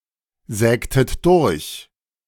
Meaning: inflection of durchsägen: 1. second-person plural preterite 2. second-person plural subjunctive II
- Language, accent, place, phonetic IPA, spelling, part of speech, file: German, Germany, Berlin, [ˌzɛːktət ˈdʊʁç], sägtet durch, verb, De-sägtet durch.ogg